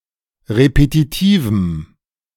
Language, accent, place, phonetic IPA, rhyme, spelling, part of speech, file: German, Germany, Berlin, [ʁepetiˈtiːvm̩], -iːvm̩, repetitivem, adjective, De-repetitivem.ogg
- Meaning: strong dative masculine/neuter singular of repetitiv